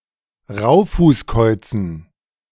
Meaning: dative plural of Raufußkauz
- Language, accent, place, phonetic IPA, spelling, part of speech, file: German, Germany, Berlin, [ˈʁaʊ̯fuːsˌkɔɪ̯t͡sn̩], Raufußkäuzen, noun, De-Raufußkäuzen.ogg